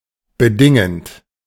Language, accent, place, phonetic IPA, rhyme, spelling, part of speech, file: German, Germany, Berlin, [bəˈdɪŋənt], -ɪŋənt, bedingend, verb, De-bedingend.ogg
- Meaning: present participle of bedingen